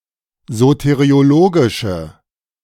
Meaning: inflection of soteriologisch: 1. strong/mixed nominative/accusative feminine singular 2. strong nominative/accusative plural 3. weak nominative all-gender singular
- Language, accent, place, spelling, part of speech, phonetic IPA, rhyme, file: German, Germany, Berlin, soteriologische, adjective, [ˌzoteʁioˈloːɡɪʃə], -oːɡɪʃə, De-soteriologische.ogg